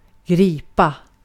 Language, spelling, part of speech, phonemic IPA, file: Swedish, gripa, verb, /ˈɡriːpa/, Sv-gripa.ogg
- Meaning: 1. to catch hold of 2. to seize 3. to detain, to arrest; to take into legal custody 4. to touch deeply, to catch one's sympathies